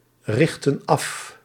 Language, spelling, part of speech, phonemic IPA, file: Dutch, richtten af, verb, /ˈrɪxtə(n) ˈɑf/, Nl-richtten af.ogg
- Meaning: inflection of africhten: 1. plural past indicative 2. plural past subjunctive